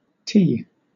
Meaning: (noun) 1. The name of the Latin script letter T/t 2. Something shaped like the letter T 3. Ellipsis of tee-shirt 4. The process of redirecting output to multiple destinations
- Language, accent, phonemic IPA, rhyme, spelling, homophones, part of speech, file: English, Southern England, /ˈtiː/, -iː, tee, T / te / tea / ti, noun / verb, LL-Q1860 (eng)-tee.wav